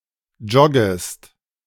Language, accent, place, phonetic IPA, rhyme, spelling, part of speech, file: German, Germany, Berlin, [ˈd͡ʒɔɡəst], -ɔɡəst, joggest, verb, De-joggest.ogg
- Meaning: second-person singular subjunctive I of joggen